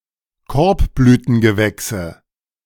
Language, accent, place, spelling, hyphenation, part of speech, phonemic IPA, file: German, Germany, Berlin, Korbblütengewächse, Korb‧blü‧ten‧ge‧wäch‧se, noun, /ˈkɔɐ̯pblyːtən.ɡəˌvɛksə/, De-Korbblütengewächse.ogg
- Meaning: nominative/accusative/genitive plural of Korbblütengewächs